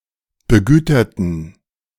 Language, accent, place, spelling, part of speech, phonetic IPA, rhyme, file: German, Germany, Berlin, begüterten, adjective, [bəˈɡyːtɐtn̩], -yːtɐtn̩, De-begüterten.ogg
- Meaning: inflection of begütert: 1. strong genitive masculine/neuter singular 2. weak/mixed genitive/dative all-gender singular 3. strong/weak/mixed accusative masculine singular 4. strong dative plural